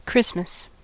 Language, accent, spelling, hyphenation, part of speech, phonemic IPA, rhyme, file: English, General American, Christmas, Christ‧mas, proper noun / noun / adjective / verb / interjection, /ˈkɹɪsməs/, -ɪsməs, En-us-Christmas.ogg